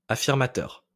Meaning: affirming, affirmative
- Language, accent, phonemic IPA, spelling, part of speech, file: French, France, /a.fiʁ.ma.tœʁ/, affirmateur, adjective, LL-Q150 (fra)-affirmateur.wav